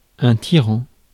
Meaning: 1. tyrant 2. bully
- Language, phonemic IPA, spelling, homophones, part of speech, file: French, /ti.ʁɑ̃/, tyran, tirant / tirants / tyrans, noun, Fr-tyran.ogg